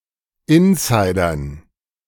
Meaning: dative plural of Insider
- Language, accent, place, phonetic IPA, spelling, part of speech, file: German, Germany, Berlin, [ˈɪnsaɪ̯dɐn], Insidern, noun, De-Insidern.ogg